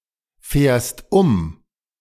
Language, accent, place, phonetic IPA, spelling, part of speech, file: German, Germany, Berlin, [ˌfɛːɐ̯st ˈʊm], fährst um, verb, De-fährst um.ogg
- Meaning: second-person singular present of umfahren